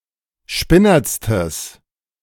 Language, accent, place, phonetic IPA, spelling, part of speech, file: German, Germany, Berlin, [ˈʃpɪnɐt͡stəs], spinnertstes, adjective, De-spinnertstes.ogg
- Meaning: strong/mixed nominative/accusative neuter singular superlative degree of spinnert